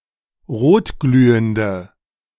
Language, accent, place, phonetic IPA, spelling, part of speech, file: German, Germany, Berlin, [ˈʁoːtˌɡlyːəndə], rotglühende, adjective, De-rotglühende.ogg
- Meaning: inflection of rotglühend: 1. strong/mixed nominative/accusative feminine singular 2. strong nominative/accusative plural 3. weak nominative all-gender singular